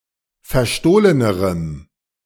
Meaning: strong dative masculine/neuter singular comparative degree of verstohlen
- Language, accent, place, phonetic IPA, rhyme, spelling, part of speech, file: German, Germany, Berlin, [fɛɐ̯ˈʃtoːlənəʁəm], -oːlənəʁəm, verstohlenerem, adjective, De-verstohlenerem.ogg